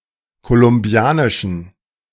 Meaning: inflection of kolumbianisch: 1. strong genitive masculine/neuter singular 2. weak/mixed genitive/dative all-gender singular 3. strong/weak/mixed accusative masculine singular 4. strong dative plural
- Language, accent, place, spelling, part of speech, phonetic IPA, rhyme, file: German, Germany, Berlin, kolumbianischen, adjective, [kolʊmˈbi̯aːnɪʃn̩], -aːnɪʃn̩, De-kolumbianischen.ogg